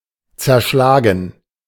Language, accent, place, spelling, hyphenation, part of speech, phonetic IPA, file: German, Germany, Berlin, zerschlagen, zer‧schla‧gen, verb, [t͡sɛɐ̯ˈʃlaːɡn̩], De-zerschlagen.ogg
- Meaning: 1. to smash (into pieces) 2. to neutralise, to defeat (an enemy unit or other grouping, not of singular combatants) 3. to break up, to divide (a company)